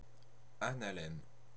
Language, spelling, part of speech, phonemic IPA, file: French, analemme, noun, /a.na.lɛm/, Fr-analemme.ogg
- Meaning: analemma